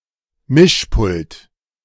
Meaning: mixing console, mixing desk, soundboard, audio mixer
- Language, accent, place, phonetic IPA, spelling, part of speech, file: German, Germany, Berlin, [ˈmɪʃˌpʊlt], Mischpult, noun, De-Mischpult.ogg